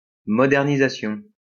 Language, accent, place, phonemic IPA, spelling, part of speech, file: French, France, Lyon, /mɔ.dɛʁ.ni.za.sjɔ̃/, modernisation, noun, LL-Q150 (fra)-modernisation.wav
- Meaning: modernisation